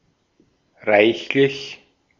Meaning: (adjective) more than enough, abundant, copious, plentiful; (adverb) 1. abundantly, copiously 2. quite, rather, all too 3. more than, upwards of
- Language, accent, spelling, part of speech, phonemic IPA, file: German, Austria, reichlich, adjective / adverb, /ˈʁaɪ̯çlɪç/, De-at-reichlich.ogg